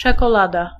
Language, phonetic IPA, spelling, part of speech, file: Polish, [ˌt͡ʃɛkɔˈlada], czekolada, noun, Pl-czekolada.ogg